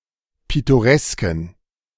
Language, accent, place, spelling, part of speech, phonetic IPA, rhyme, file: German, Germany, Berlin, pittoresken, adjective, [ˌpɪtoˈʁɛskn̩], -ɛskn̩, De-pittoresken.ogg
- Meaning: inflection of pittoresk: 1. strong genitive masculine/neuter singular 2. weak/mixed genitive/dative all-gender singular 3. strong/weak/mixed accusative masculine singular 4. strong dative plural